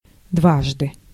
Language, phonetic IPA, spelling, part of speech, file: Russian, [ˈdvaʐdɨ], дважды, adverb, Ru-дважды.ogg
- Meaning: 1. twice, on two occasions 2. 2×, twice as much